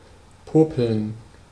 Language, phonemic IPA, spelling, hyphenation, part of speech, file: German, /ˈpoːpl̩n/, popeln, po‧peln, verb, De-popeln.ogg
- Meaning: to pick one's nose